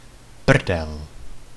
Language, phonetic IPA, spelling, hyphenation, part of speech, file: Czech, [ˈpr̩dɛl], prdel, pr‧del, noun, Cs-prdel.ogg
- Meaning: 1. ass (buttocks) 2. fun 3. backwater (remote place)